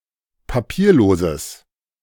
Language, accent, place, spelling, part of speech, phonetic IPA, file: German, Germany, Berlin, papierloses, adjective, [paˈpiːɐ̯ˌloːzəs], De-papierloses.ogg
- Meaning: strong/mixed nominative/accusative neuter singular of papierlos